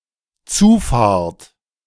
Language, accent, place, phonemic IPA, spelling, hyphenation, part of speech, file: German, Germany, Berlin, /ˈt͡suːˌfaːɐ̯t/, Zufahrt, Zu‧fahrt, noun, De-Zufahrt.ogg
- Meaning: a driveway to a property or building